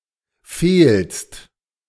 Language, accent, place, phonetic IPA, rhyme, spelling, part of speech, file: German, Germany, Berlin, [feːlst], -eːlst, fehlst, verb, De-fehlst.ogg
- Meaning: second-person singular present of fehlen